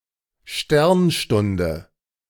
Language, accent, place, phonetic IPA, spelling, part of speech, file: German, Germany, Berlin, [ˈʃtɛʁnˌʃtʊndə], Sternstunde, noun, De-Sternstunde.ogg
- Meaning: 1. sidereal hour 2. finest hour (moment of glory)